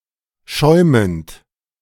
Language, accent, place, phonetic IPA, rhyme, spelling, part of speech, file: German, Germany, Berlin, [ˈʃɔɪ̯mənt], -ɔɪ̯mənt, schäumend, verb, De-schäumend.ogg
- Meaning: present participle of schäumen